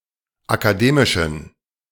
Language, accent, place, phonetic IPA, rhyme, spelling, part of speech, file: German, Germany, Berlin, [akaˈdeːmɪʃn̩], -eːmɪʃn̩, akademischen, adjective, De-akademischen.ogg
- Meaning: inflection of akademisch: 1. strong genitive masculine/neuter singular 2. weak/mixed genitive/dative all-gender singular 3. strong/weak/mixed accusative masculine singular 4. strong dative plural